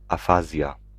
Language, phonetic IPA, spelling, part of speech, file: Polish, [aˈfazʲja], afazja, noun, Pl-afazja.ogg